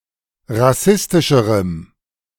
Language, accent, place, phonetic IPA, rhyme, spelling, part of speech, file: German, Germany, Berlin, [ʁaˈsɪstɪʃəʁəm], -ɪstɪʃəʁəm, rassistischerem, adjective, De-rassistischerem.ogg
- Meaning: strong dative masculine/neuter singular comparative degree of rassistisch